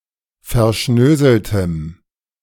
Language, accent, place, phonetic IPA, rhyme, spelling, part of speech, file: German, Germany, Berlin, [fɛɐ̯ˈʃnøːzl̩təm], -øːzl̩təm, verschnöseltem, adjective, De-verschnöseltem.ogg
- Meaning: strong dative masculine/neuter singular of verschnöselt